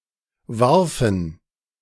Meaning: first/third-person plural preterite of werfen
- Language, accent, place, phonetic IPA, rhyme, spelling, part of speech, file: German, Germany, Berlin, [ˈvaʁfn̩], -aʁfn̩, warfen, verb, De-warfen.ogg